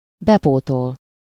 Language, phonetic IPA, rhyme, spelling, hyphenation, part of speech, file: Hungarian, [ˈbɛpoːtol], -ol, bepótol, be‧pó‧tol, verb, Hu-bepótol.ogg
- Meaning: to make up (for something -t/-ot/-at/-et/-öt)